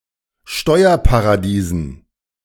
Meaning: dative plural of Steuerparadies
- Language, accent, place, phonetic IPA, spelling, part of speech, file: German, Germany, Berlin, [ˈʃtɔɪ̯ɐpaʁaˌdiːzn̩], Steuerparadiesen, noun, De-Steuerparadiesen.ogg